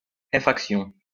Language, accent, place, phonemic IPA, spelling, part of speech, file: French, France, Lyon, /e.fʁak.sjɔ̃/, effraction, noun, LL-Q150 (fra)-effraction.wav
- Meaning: 1. breaking and entering, burglary 2. hacking 3. effraction